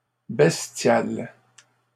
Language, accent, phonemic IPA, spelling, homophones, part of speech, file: French, Canada, /bɛs.tjal/, bestiale, bestial / bestiales, adjective, LL-Q150 (fra)-bestiale.wav
- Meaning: feminine singular of bestial